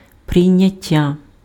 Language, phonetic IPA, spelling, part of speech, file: Ukrainian, [prei̯nʲɐˈtʲːa], прийняття, noun, Uk-прийняття.ogg
- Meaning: adoption, acceptance